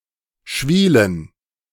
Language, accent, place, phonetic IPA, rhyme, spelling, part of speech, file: German, Germany, Berlin, [ˈʃviːlən], -iːlən, Schwielen, noun, De-Schwielen.ogg
- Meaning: plural of Schwiele